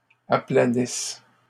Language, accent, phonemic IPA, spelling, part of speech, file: French, Canada, /a.pla.nis/, aplanissent, verb, LL-Q150 (fra)-aplanissent.wav
- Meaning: inflection of aplanir: 1. third-person plural present indicative/subjunctive 2. third-person plural imperfect subjunctive